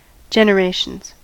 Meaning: plural of generation
- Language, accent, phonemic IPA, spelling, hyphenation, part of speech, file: English, US, /ˌd͡ʒɛnəˈɹeɪʃənz/, generations, gen‧er‧a‧tions, noun, En-us-generations.ogg